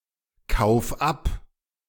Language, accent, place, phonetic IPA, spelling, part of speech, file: German, Germany, Berlin, [ˌkaʊ̯f ˈap], kauf ab, verb, De-kauf ab.ogg
- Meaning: 1. singular imperative of abkaufen 2. first-person singular present of abkaufen